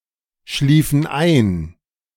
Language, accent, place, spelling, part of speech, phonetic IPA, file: German, Germany, Berlin, schliefen ein, verb, [ˌʃliːfn̩ ˈaɪ̯n], De-schliefen ein.ogg
- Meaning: inflection of einschlafen: 1. first/third-person plural preterite 2. first/third-person plural subjunctive II